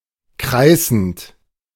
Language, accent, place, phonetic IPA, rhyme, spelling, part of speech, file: German, Germany, Berlin, [ˈkʁaɪ̯sn̩t], -aɪ̯sn̩t, kreißend, verb, De-kreißend.ogg
- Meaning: present participle of kreißen